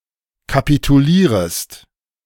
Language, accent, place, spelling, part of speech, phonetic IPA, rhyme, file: German, Germany, Berlin, kapitulierest, verb, [kapituˈliːʁəst], -iːʁəst, De-kapitulierest.ogg
- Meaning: second-person singular subjunctive I of kapitulieren